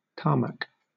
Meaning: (noun) 1. Tarmacadam 2. Any bituminous road surfacing material 3. The driveable surface of a road 4. The area of an airport, other than the runway, where planes park or maneuver
- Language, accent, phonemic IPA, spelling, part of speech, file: English, Southern England, /ˈtɑː(ɹ)mæk/, tarmac, noun / verb, LL-Q1860 (eng)-tarmac.wav